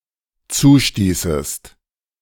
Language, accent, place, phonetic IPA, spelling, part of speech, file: German, Germany, Berlin, [ˈt͡suːˌʃtiːsəst], zustießest, verb, De-zustießest.ogg
- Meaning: second-person singular dependent subjunctive II of zustoßen